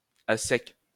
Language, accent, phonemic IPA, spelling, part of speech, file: French, France, /a sɛk/, à sec, adjective / adverb, LL-Q150 (fra)-à sec.wav
- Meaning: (adjective) 1. dry, dried up 2. broke (lacking money; bankrupt); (adverb) dry, without proper lubrication